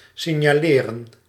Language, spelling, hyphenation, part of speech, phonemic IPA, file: Dutch, signaleren, sig‧na‧le‧ren, verb, /sɪɲaˈlerə(n)/, Nl-signaleren.ogg
- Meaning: 1. to signal, flag 2. to put (someone) down as a suspect